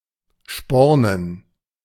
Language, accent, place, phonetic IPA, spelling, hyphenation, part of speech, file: German, Germany, Berlin, [ˈʃpɔʁnən], spornen, spor‧nen, verb, De-spornen.ogg
- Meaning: 1. to buckle a spur 2. to ride a horse